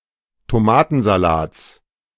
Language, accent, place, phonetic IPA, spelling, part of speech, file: German, Germany, Berlin, [toˈmaːtn̩zaˌlaːt͡s], Tomatensalats, noun, De-Tomatensalats.ogg
- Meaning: genitive of Tomatensalat